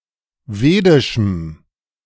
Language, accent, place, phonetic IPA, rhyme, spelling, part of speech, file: German, Germany, Berlin, [ˈveːdɪʃm̩], -eːdɪʃm̩, vedischem, adjective, De-vedischem.ogg
- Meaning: strong dative masculine/neuter singular of vedisch